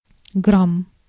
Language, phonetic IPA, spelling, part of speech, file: Russian, [ɡram], грамм, noun, Ru-грамм.ogg
- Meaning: gram